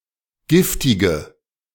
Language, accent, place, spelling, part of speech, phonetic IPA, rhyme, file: German, Germany, Berlin, giftige, adjective, [ˈɡɪftɪɡə], -ɪftɪɡə, De-giftige.ogg
- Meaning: inflection of giftig: 1. strong/mixed nominative/accusative feminine singular 2. strong nominative/accusative plural 3. weak nominative all-gender singular 4. weak accusative feminine/neuter singular